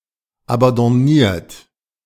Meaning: 1. past participle of abandonnieren 2. inflection of abandonnieren: third-person singular present 3. inflection of abandonnieren: second-person plural present
- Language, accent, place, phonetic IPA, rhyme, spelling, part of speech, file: German, Germany, Berlin, [abɑ̃dɔˈniːɐ̯t], -iːɐ̯t, abandonniert, verb, De-abandonniert.ogg